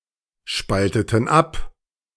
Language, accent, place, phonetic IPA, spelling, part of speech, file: German, Germany, Berlin, [ˌʃpaltətn̩ ˈap], spalteten ab, verb, De-spalteten ab.ogg
- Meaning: inflection of abspalten: 1. first/third-person plural preterite 2. first/third-person plural subjunctive II